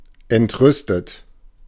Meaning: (verb) past participle of entrüsten; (adjective) indignant, outraged, incensed
- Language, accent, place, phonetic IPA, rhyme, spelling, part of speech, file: German, Germany, Berlin, [ɛntˈʁʏstət], -ʏstət, entrüstet, adjective / verb, De-entrüstet.ogg